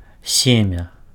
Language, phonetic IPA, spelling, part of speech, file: Belarusian, [ˈsʲemʲa], семя, noun, Be-семя.ogg
- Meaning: 1. seed 2. semen